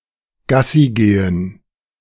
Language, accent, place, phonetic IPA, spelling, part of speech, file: German, Germany, Berlin, [ˈɡasiˌɡeːən], Gassigehen, noun, De-Gassigehen.ogg
- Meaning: Dog walking; walkies